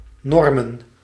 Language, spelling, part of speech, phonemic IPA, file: Dutch, normen, noun, /ˈnɔrmə(n)/, Nl-normen.ogg
- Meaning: plural of norm